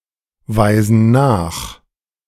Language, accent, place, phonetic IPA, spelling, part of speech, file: German, Germany, Berlin, [ˌvaɪ̯zn̩ ˈnaːx], weisen nach, verb, De-weisen nach.ogg
- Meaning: inflection of nachweisen: 1. first/third-person plural present 2. first/third-person plural subjunctive I